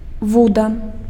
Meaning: fishing rod (fishing tackle, consisting of a rod and a fishing line with a hook)
- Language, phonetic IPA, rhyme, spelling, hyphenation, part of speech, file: Belarusian, [ˈvuda], -uda, вуда, ву‧да, noun, Be-вуда.ogg